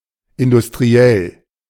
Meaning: industrial
- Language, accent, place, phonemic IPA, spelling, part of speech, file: German, Germany, Berlin, /ɪndʊstʁiˈɛl/, industriell, adjective, De-industriell.ogg